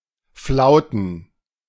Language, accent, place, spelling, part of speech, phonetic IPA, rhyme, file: German, Germany, Berlin, Flauten, noun, [ˈflaʊ̯tn̩], -aʊ̯tn̩, De-Flauten.ogg
- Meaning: plural of Flaute